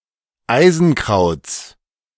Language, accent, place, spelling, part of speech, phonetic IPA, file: German, Germany, Berlin, Eisenkrauts, noun, [ˈaɪ̯zn̩ˌkʁaʊ̯t͡s], De-Eisenkrauts.ogg
- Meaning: genitive singular of Eisenkraut